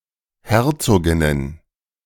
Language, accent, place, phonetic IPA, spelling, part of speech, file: German, Germany, Berlin, [ˈhɛʁt͡soːɡɪnən], Herzoginnen, noun, De-Herzoginnen.ogg
- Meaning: plural of Herzogin